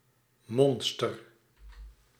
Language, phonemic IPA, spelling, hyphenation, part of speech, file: Dutch, /ˈmɔnstər/, monster, mon‧ster, noun / verb, Nl-monster.ogg
- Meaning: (noun) 1. a monster, terrifying and dangerous creature 2. an extremely antisocial person, especially a criminal